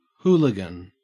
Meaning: A fan of the English rock band The Who
- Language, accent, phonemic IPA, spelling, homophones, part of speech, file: English, Australia, /ˈhuː.lɪ.ɡən/, Wholigan, hooligan, noun, En-au-Wholigan.ogg